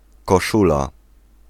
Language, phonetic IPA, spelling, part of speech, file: Polish, [kɔˈʃula], koszula, noun, Pl-koszula.ogg